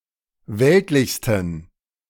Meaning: 1. superlative degree of weltlich 2. inflection of weltlich: strong genitive masculine/neuter singular superlative degree
- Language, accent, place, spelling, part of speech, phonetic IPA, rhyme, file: German, Germany, Berlin, weltlichsten, adjective, [ˈvɛltlɪçstn̩], -ɛltlɪçstn̩, De-weltlichsten.ogg